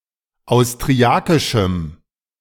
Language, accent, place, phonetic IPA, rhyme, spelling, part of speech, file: German, Germany, Berlin, [aʊ̯stʁiˈakɪʃm̩], -akɪʃm̩, austriakischem, adjective, De-austriakischem.ogg
- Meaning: strong dative masculine/neuter singular of austriakisch